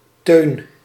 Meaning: a male given name
- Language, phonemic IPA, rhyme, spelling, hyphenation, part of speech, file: Dutch, /tøːn/, -øːn, Teun, Teun, proper noun, Nl-Teun.ogg